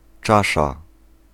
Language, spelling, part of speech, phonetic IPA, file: Polish, czasza, noun, [ˈt͡ʃaʃa], Pl-czasza.ogg